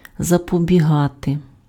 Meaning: 1. to prevent, to forestall, to avert 2. to curry favor, to ingratiate oneself (with), to wheedle, to fawn, to suck up (to) (+ пе́ред (péred))
- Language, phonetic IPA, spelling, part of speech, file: Ukrainian, [zɐpɔbʲiˈɦate], запобігати, verb, Uk-запобігати.ogg